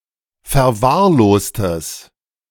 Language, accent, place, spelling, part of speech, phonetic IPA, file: German, Germany, Berlin, verwahrlostes, adjective, [fɛɐ̯ˈvaːɐ̯ˌloːstəs], De-verwahrlostes.ogg
- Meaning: strong/mixed nominative/accusative neuter singular of verwahrlost